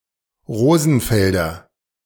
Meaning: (noun) 1. nominative/accusative/genitive plural of Rosenfeld 2. A native or resident of Rosenfeld; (adjective) of Rosenfeld
- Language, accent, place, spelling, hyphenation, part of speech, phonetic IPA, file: German, Germany, Berlin, Rosenfelder, Ro‧sen‧fel‧der, noun / adjective, [ˈʁoːzn̩ˌfɛldɐ], De-Rosenfelder.ogg